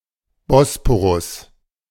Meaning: Bosphorus (straight in Turkey)
- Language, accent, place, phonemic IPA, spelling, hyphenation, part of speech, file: German, Germany, Berlin, /ˈbɔspoʁʊs/, Bosporus, Bos‧po‧rus, proper noun, De-Bosporus.ogg